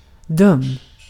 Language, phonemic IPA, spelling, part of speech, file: Swedish, /ˈdɵmː/, dum, adjective, Sv-dum.ogg
- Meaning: 1. stupid, dumb 2. causing trouble or annoyance 3. mean, cruel, misbehaving, naughty